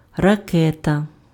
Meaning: 1. rocket 2. missile
- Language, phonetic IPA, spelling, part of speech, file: Ukrainian, [rɐˈkɛtɐ], ракета, noun, Uk-ракета.ogg